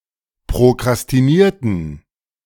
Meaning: inflection of prokrastinieren: 1. first/third-person plural preterite 2. first/third-person plural subjunctive II
- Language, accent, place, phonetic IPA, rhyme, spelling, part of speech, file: German, Germany, Berlin, [pʁokʁastiˈniːɐ̯tn̩], -iːɐ̯tn̩, prokrastinierten, verb, De-prokrastinierten.ogg